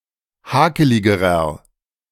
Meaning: inflection of hakelig: 1. strong/mixed nominative masculine singular comparative degree 2. strong genitive/dative feminine singular comparative degree 3. strong genitive plural comparative degree
- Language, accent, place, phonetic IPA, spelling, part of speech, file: German, Germany, Berlin, [ˈhaːkəlɪɡəʁɐ], hakeligerer, adjective, De-hakeligerer.ogg